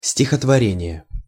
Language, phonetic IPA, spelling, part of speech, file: Russian, [sʲtʲɪxətvɐˈrʲenʲɪje], стихотворение, noun, Ru-стихотворение.ogg
- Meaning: poem (literary piece written in verse)